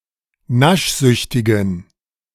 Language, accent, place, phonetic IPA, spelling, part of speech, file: German, Germany, Berlin, [ˈnaʃˌzʏçtɪɡn̩], naschsüchtigen, adjective, De-naschsüchtigen.ogg
- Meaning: inflection of naschsüchtig: 1. strong genitive masculine/neuter singular 2. weak/mixed genitive/dative all-gender singular 3. strong/weak/mixed accusative masculine singular 4. strong dative plural